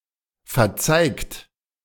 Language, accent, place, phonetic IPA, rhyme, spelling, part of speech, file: German, Germany, Berlin, [fɛɐ̯ˈt͡saɪ̯kt], -aɪ̯kt, verzeigt, verb, De-verzeigt.ogg
- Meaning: 1. past participle of verzeigen 2. inflection of verzeigen: second-person plural present 3. inflection of verzeigen: third-person singular present 4. inflection of verzeigen: plural imperative